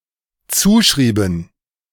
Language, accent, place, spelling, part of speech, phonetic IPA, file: German, Germany, Berlin, zuschrieben, verb, [ˈt͡suːˌʃʁiːbn̩], De-zuschrieben.ogg
- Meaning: inflection of zuschreiben: 1. first/third-person plural dependent preterite 2. first/third-person plural dependent subjunctive II